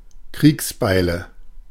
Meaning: nominative/accusative/genitive plural of Kriegsbeil
- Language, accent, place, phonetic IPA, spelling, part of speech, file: German, Germany, Berlin, [ˈkʁiːksˌbaɪ̯lə], Kriegsbeile, noun, De-Kriegsbeile.ogg